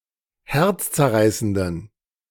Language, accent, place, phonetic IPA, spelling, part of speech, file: German, Germany, Berlin, [ˈhɛʁt͡st͡sɛɐ̯ˌʁaɪ̯səndn̩], herzzerreißenden, adjective, De-herzzerreißenden.ogg
- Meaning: inflection of herzzerreißend: 1. strong genitive masculine/neuter singular 2. weak/mixed genitive/dative all-gender singular 3. strong/weak/mixed accusative masculine singular 4. strong dative plural